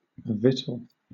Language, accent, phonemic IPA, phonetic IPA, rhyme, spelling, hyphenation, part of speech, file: English, Southern England, /ˈvɪtəl/, [ˈvɪtɫ̩], -ɪtəl, victual, vic‧tual, noun / verb, LL-Q1860 (eng)-victual.wav
- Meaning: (noun) 1. Food fit for human (or occasionally animal) consumption 2. Food supplies; provisions 3. Edible plants 4. Grain of any kind